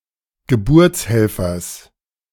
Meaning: genitive of Geburtshelfer
- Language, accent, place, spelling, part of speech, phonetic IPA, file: German, Germany, Berlin, Geburtshelfers, noun, [ɡəˈbʊʁt͡sˌhɛlfɐs], De-Geburtshelfers.ogg